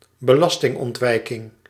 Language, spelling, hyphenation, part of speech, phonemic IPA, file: Dutch, belastingontwijking, be‧las‧ting‧ont‧wij‧king, noun, /bəˈlɑs.tɪŋ.ɔntˌʋɛi̯.kɪŋ/, Nl-belastingontwijking.ogg
- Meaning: tax avoidance